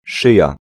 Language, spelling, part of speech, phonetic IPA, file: Polish, szyja, noun, [ˈʃɨja], Pl-szyja.ogg